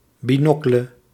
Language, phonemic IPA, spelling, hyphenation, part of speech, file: Dutch, /biˈnɔklə/, binocle, bi‧no‧cle, noun, Nl-binocle.ogg
- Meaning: 1. opera glass 2. field glass (binoculars)